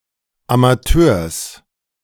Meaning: genitive singular of Amateur
- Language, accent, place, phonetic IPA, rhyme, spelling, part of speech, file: German, Germany, Berlin, [amaˈtøːɐ̯s], -øːɐ̯s, Amateurs, noun, De-Amateurs.ogg